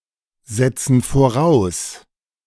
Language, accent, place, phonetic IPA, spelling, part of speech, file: German, Germany, Berlin, [ˌzɛt͡sn̩ foˈʁaʊ̯s], setzen voraus, verb, De-setzen voraus.ogg
- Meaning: inflection of voraussetzen: 1. first/third-person plural present 2. first/third-person plural subjunctive I